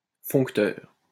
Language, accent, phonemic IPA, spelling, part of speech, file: French, France, /fɔ̃k.tœʁ/, foncteur, noun, LL-Q150 (fra)-foncteur.wav
- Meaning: functor